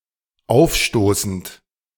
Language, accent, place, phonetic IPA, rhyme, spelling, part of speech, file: German, Germany, Berlin, [ˈaʊ̯fˌʃtoːsn̩t], -aʊ̯fʃtoːsn̩t, aufstoßend, verb, De-aufstoßend.ogg
- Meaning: present participle of aufstoßen